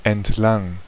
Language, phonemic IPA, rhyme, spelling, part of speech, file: German, /ɛntˈlaŋ/, -aŋ, entlang, adverb / preposition / postposition, De-entlang.ogg
- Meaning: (adverb) along; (preposition) along; indicates location or movement: 1. [with genitive] 2. [with dative]; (postposition) along; indicates movement